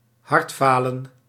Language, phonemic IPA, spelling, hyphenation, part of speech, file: Dutch, /ˈɦɑrtˌfaː.lə(n)/, hartfalen, hart‧fa‧len, noun, Nl-hartfalen.ogg
- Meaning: 1. heart failure ((chronic) inability of the heart to circulate a sufficient amount of blood) 2. heart attack